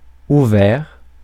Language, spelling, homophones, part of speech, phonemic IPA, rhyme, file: French, ouvert, ouverts, adjective / verb, /u.vɛʁ/, -ɛʁ, Fr-ouvert.ogg
- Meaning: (adjective) 1. open 2. switched on 3. of a building: having a door of a specified colour; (verb) past participle of ouvrir